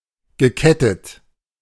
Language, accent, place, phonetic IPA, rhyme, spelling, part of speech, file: German, Germany, Berlin, [ɡəˈkɛtət], -ɛtət, gekettet, verb, De-gekettet.ogg
- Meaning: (verb) past participle of ketten; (adjective) chained